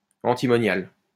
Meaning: antimonial
- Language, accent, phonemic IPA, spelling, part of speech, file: French, France, /ɑ̃.ti.mɔ.njal/, antimonial, adjective, LL-Q150 (fra)-antimonial.wav